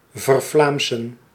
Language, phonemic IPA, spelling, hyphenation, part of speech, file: Dutch, /vərˈvlaːm.sə(n)/, vervlaamsen, ver‧vlaam‧sen, verb, Nl-vervlaamsen.ogg
- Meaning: to make or become Flemish; Flemishize